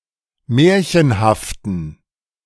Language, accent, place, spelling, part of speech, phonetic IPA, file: German, Germany, Berlin, märchenhaften, adjective, [ˈmɛːɐ̯çənhaftn̩], De-märchenhaften.ogg
- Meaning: inflection of märchenhaft: 1. strong genitive masculine/neuter singular 2. weak/mixed genitive/dative all-gender singular 3. strong/weak/mixed accusative masculine singular 4. strong dative plural